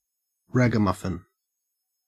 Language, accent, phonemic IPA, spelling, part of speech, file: English, Australia, /ˈɹæɡəˌmʌfɪn/, ragamuffin, noun, En-au-ragamuffin.ogg
- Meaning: 1. A dirty, shabbily-clothed child; an urchin 2. A hooligan or troublemaker 3. Alternative letter-case form of Ragamuffin (“a breed of domestic cat”)